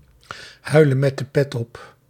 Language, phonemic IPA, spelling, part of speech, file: Dutch, /ˈɦœy̯lə(n)ˌmɛt də ˈpɛt ɔp/, huilen met de pet op, phrase, Nl-huilen met de pet op.ogg
- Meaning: (to be) of terrible quality